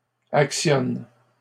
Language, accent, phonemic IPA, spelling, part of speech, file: French, Canada, /ak.sjɔn/, actionne, verb, LL-Q150 (fra)-actionne.wav
- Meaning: inflection of actionner: 1. first/third-person singular present indicative/subjunctive 2. second-person singular imperative